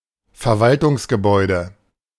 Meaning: administration building
- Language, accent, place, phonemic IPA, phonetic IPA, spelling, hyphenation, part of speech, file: German, Germany, Berlin, /fɛʁˈvaltʊŋsɡəˌbɔʏ̯də/, [fɛɐ̯ˈvaltʊŋsɡəˌbɔɪ̯də], Verwaltungsgebäude, Ver‧wal‧tungs‧ge‧bäu‧de, noun, De-Verwaltungsgebäude.ogg